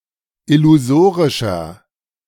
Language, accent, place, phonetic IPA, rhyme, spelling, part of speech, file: German, Germany, Berlin, [ɪluˈzoːʁɪʃɐ], -oːʁɪʃɐ, illusorischer, adjective, De-illusorischer.ogg
- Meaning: 1. comparative degree of illusorisch 2. inflection of illusorisch: strong/mixed nominative masculine singular 3. inflection of illusorisch: strong genitive/dative feminine singular